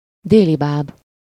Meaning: mirage, Fata Morgana
- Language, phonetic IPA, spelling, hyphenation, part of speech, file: Hungarian, [ˈdeːlibaːb], délibáb, dé‧li‧báb, noun, Hu-délibáb.ogg